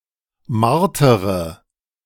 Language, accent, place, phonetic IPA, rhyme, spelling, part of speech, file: German, Germany, Berlin, [ˈmaʁtəʁə], -aʁtəʁə, martere, verb, De-martere.ogg
- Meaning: inflection of martern: 1. first-person singular present 2. first-person plural subjunctive I 3. third-person singular subjunctive I 4. singular imperative